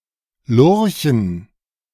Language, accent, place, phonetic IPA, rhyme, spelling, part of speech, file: German, Germany, Berlin, [ˈlʊʁçn̩], -ʊʁçn̩, Lurchen, noun, De-Lurchen.ogg
- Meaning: dative plural of Lurch